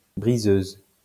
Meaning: female equivalent of briseur
- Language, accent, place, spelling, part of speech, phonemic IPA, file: French, France, Lyon, briseuse, noun, /bʁi.zøz/, LL-Q150 (fra)-briseuse.wav